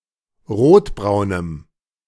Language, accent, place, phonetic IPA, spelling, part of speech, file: German, Germany, Berlin, [ˈʁoːtˌbʁaʊ̯nəm], rotbraunem, adjective, De-rotbraunem.ogg
- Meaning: strong dative masculine/neuter singular of rotbraun